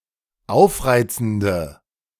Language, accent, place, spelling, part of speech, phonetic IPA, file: German, Germany, Berlin, aufreizende, adjective, [ˈaʊ̯fˌʁaɪ̯t͡sn̩də], De-aufreizende.ogg
- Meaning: inflection of aufreizend: 1. strong/mixed nominative/accusative feminine singular 2. strong nominative/accusative plural 3. weak nominative all-gender singular